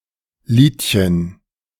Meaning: diminutive of Lied
- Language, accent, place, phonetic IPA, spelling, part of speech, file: German, Germany, Berlin, [ˈliːtçən], Liedchen, noun, De-Liedchen.ogg